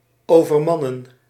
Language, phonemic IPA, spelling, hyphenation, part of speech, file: Dutch, /oːvərˈmɑnə(n)/, overmannen, over‧man‧nen, verb, Nl-overmannen.ogg
- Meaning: to overpower, to overwhelm